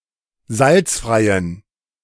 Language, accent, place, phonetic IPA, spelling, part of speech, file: German, Germany, Berlin, [ˈzalt͡sfʁaɪ̯ən], salzfreien, adjective, De-salzfreien.ogg
- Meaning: inflection of salzfrei: 1. strong genitive masculine/neuter singular 2. weak/mixed genitive/dative all-gender singular 3. strong/weak/mixed accusative masculine singular 4. strong dative plural